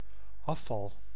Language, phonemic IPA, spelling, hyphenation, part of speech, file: Dutch, /ˈɑfɑl/, afval, af‧val, noun / verb, Nl-afval.ogg
- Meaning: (noun) 1. rubbish, garbage, trash 2. the act of dropping out (of a race etc.) 3. apostasy, the act of rejecting a previous affiliation or belief